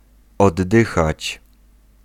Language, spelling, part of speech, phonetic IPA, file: Polish, oddychać, verb, [ɔdˈːɨxat͡ɕ], Pl-oddychać.ogg